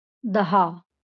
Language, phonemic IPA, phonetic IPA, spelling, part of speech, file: Marathi, /d̪ə.ɦa/, [d̪ʱa], दहा, numeral, LL-Q1571 (mar)-दहा.wav
- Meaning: ten